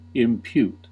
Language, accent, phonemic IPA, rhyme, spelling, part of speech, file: English, US, /ɪmˈpjut/, -uːt, impute, verb, En-us-impute.ogg
- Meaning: 1. To attribute or ascribe (responsibility or fault) to a cause or source 2. To ascribe (sin or righteousness) to someone by substitution 3. To take into account